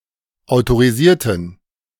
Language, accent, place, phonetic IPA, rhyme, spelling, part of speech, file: German, Germany, Berlin, [aʊ̯toʁiˈziːɐ̯tn̩], -iːɐ̯tn̩, autorisierten, adjective / verb, De-autorisierten.ogg
- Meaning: inflection of autorisieren: 1. first/third-person plural preterite 2. first/third-person plural subjunctive II